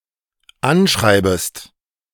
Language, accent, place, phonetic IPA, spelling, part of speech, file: German, Germany, Berlin, [ˈanˌʃʁaɪ̯bəst], anschreibest, verb, De-anschreibest.ogg
- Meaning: second-person singular dependent subjunctive I of anschreiben